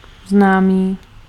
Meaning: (adjective) known; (noun) acquaintance (person)
- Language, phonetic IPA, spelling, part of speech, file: Czech, [ˈznaːmiː], známý, adjective / noun, Cs-známý.ogg